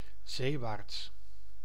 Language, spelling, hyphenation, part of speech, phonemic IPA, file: Dutch, zeewaarts, zee‧waarts, adverb, /ˈzeː.ʋaːrts/, Nl-zeewaarts.ogg
- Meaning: seawards